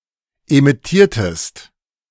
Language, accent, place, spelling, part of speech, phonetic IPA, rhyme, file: German, Germany, Berlin, emittiertest, verb, [emɪˈtiːɐ̯təst], -iːɐ̯təst, De-emittiertest.ogg
- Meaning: inflection of emittieren: 1. second-person singular preterite 2. second-person singular subjunctive II